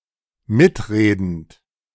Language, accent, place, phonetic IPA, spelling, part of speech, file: German, Germany, Berlin, [ˈmɪtˌʁeːdn̩t], mitredend, verb, De-mitredend.ogg
- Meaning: present participle of mitreden